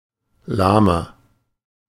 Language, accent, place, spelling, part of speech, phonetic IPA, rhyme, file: German, Germany, Berlin, lahmer, adjective, [ˈlaːmɐ], -aːmɐ, De-lahmer.ogg
- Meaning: inflection of lahm: 1. strong/mixed nominative masculine singular 2. strong genitive/dative feminine singular 3. strong genitive plural